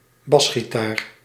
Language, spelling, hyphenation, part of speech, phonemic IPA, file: Dutch, basgitaar, bas‧gi‧taar, noun, /ˈbɑs.xiˌtaːr/, Nl-basgitaar.ogg
- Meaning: bass guitar